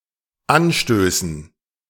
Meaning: dative plural of Anstoß
- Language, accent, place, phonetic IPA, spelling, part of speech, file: German, Germany, Berlin, [ˈanˌʃtøːsn̩], Anstößen, noun, De-Anstößen.ogg